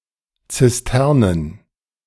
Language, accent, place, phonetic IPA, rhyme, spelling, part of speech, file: German, Germany, Berlin, [t͡sɪsˈtɛʁnən], -ɛʁnən, Zisternen, noun, De-Zisternen.ogg
- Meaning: plural of Zisterne